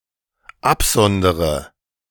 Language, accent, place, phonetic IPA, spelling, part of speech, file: German, Germany, Berlin, [ˈapˌzɔndəʁə], absondere, verb, De-absondere.ogg
- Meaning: inflection of absondern: 1. first-person singular dependent present 2. first/third-person singular dependent subjunctive I